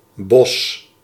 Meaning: 1. wood, forest 2. jungle, tropical rainforest 3. bunch, bouquet
- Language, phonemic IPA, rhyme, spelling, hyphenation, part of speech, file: Dutch, /bɔs/, -ɔs, bos, bos, noun, Nl-bos.ogg